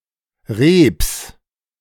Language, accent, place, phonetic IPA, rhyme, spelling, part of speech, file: German, Germany, Berlin, [ʁeːps], -eːps, Reeps, noun, De-Reeps.ogg
- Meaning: genitive of Reep